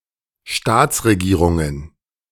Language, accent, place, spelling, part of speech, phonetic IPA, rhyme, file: German, Germany, Berlin, Staatsregierungen, noun, [ˈʃtaːt͡sʁeˌɡiːʁʊŋən], -aːt͡sʁeɡiːʁʊŋən, De-Staatsregierungen.ogg
- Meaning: plural of Staatsregierung